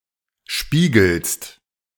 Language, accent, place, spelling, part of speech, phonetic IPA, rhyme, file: German, Germany, Berlin, spiegelst, verb, [ˈʃpiːɡl̩st], -iːɡl̩st, De-spiegelst.ogg
- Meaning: second-person singular present of spiegeln